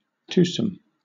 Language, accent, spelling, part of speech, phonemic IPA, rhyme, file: English, Southern England, twosome, adjective / noun, /ˈtuːsəm/, -uːsəm, LL-Q1860 (eng)-twosome.wav
- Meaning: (adjective) 1. Being or constituting a pair; two 2. Twofold; double 3. Performed by two individuals; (noun) A group of two; a pair; a couple; a group of two distinct individuals or components